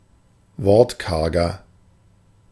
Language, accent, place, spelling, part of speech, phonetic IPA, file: German, Germany, Berlin, wortkarger, adjective, [ˈvɔʁtˌkaʁɡɐ], De-wortkarger.ogg
- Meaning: 1. comparative degree of wortkarg 2. inflection of wortkarg: strong/mixed nominative masculine singular 3. inflection of wortkarg: strong genitive/dative feminine singular